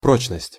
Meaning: durability, solidity, firmness, strength, fastness
- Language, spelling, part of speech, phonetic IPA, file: Russian, прочность, noun, [ˈprot͡ɕnəsʲtʲ], Ru-прочность.ogg